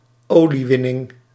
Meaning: oil extraction, oil production
- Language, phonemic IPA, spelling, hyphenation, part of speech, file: Dutch, /ˈoː.liˌʋɪ.nɪŋ/, oliewinning, olie‧win‧ning, noun, Nl-oliewinning.ogg